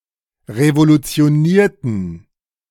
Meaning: inflection of revolutionieren: 1. first/third-person plural preterite 2. first/third-person plural subjunctive II
- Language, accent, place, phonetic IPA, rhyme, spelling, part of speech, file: German, Germany, Berlin, [ʁevolut͡si̯oˈniːɐ̯tn̩], -iːɐ̯tn̩, revolutionierten, adjective / verb, De-revolutionierten.ogg